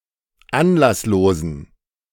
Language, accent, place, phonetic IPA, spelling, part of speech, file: German, Germany, Berlin, [ˈanlasˌloːzn̩], anlasslosen, adjective, De-anlasslosen.ogg
- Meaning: inflection of anlasslos: 1. strong genitive masculine/neuter singular 2. weak/mixed genitive/dative all-gender singular 3. strong/weak/mixed accusative masculine singular 4. strong dative plural